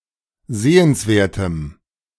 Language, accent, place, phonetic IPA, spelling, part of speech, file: German, Germany, Berlin, [ˈzeːənsˌveːɐ̯təm], sehenswertem, adjective, De-sehenswertem.ogg
- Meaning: strong dative masculine/neuter singular of sehenswert